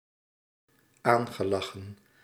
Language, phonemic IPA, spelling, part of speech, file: Dutch, /ˈaŋɣəˌlɑxə(n)/, aangelachen, verb, Nl-aangelachen.ogg
- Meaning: past participle of aanlachen